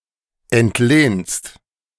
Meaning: second-person singular present of entlehnen
- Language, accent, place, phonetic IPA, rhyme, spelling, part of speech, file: German, Germany, Berlin, [ɛntˈleːnst], -eːnst, entlehnst, verb, De-entlehnst.ogg